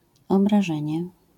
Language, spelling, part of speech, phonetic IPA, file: Polish, obrażenie, noun, [ˌɔbraˈʒɛ̃ɲɛ], LL-Q809 (pol)-obrażenie.wav